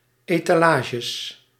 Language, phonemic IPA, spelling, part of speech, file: Dutch, /etaˈlaʒə/, etalages, noun, Nl-etalages.ogg
- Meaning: plural of etalage